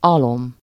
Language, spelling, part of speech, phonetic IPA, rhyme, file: Hungarian, alom, noun, [ˈɒlom], -om, Hu-alom.ogg
- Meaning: litter, bedding, bed of straw (for animals)